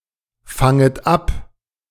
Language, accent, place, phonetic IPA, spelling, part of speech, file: German, Germany, Berlin, [ˌfaŋət ˈap], fanget ab, verb, De-fanget ab.ogg
- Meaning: second-person plural subjunctive I of abfangen